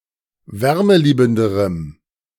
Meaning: strong dative masculine/neuter singular comparative degree of wärmeliebend
- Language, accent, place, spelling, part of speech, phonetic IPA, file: German, Germany, Berlin, wärmeliebenderem, adjective, [ˈvɛʁməˌliːbn̩dəʁəm], De-wärmeliebenderem.ogg